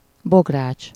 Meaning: cauldron (large suspended metal pot for cooking over an open fire)
- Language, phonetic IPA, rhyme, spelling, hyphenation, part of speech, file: Hungarian, [ˈboɡraːt͡ʃ], -aːt͡ʃ, bogrács, bog‧rács, noun, Hu-bogrács.ogg